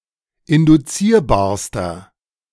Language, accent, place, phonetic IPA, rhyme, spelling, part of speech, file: German, Germany, Berlin, [ɪndʊˈt͡siːɐ̯baːɐ̯stɐ], -iːɐ̯baːɐ̯stɐ, induzierbarster, adjective, De-induzierbarster.ogg
- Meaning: inflection of induzierbar: 1. strong/mixed nominative masculine singular superlative degree 2. strong genitive/dative feminine singular superlative degree 3. strong genitive plural superlative degree